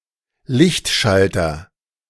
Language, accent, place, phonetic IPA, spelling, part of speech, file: German, Germany, Berlin, [ˈlɪçtˌʃaltɐ], Lichtschalter, noun, De-Lichtschalter.ogg
- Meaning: light switch